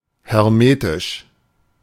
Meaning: hermetic (completely sealed, blocking passage of any substance)
- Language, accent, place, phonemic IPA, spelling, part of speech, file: German, Germany, Berlin, /hɛʁˈmeːtɪʃ/, hermetisch, adjective, De-hermetisch.ogg